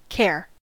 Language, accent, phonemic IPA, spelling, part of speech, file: English, US, /kɛɚ/, care, noun / verb, En-us-care.ogg
- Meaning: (noun) 1. Close attention; concern; responsibility 2. Worry 3. Maintenance, upkeep 4. The treatment of those in need (especially as a profession) 5. The state of being cared for by others